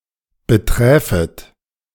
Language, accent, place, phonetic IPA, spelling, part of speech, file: German, Germany, Berlin, [bəˈtʁɛːfət], beträfet, verb, De-beträfet.ogg
- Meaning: second-person plural subjunctive I of betreffen